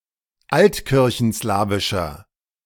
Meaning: inflection of altkirchenslawisch: 1. strong/mixed nominative masculine singular 2. strong genitive/dative feminine singular 3. strong genitive plural
- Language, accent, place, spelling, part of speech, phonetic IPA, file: German, Germany, Berlin, altkirchenslawischer, adjective, [ˈaltkɪʁçn̩ˌslaːvɪʃɐ], De-altkirchenslawischer.ogg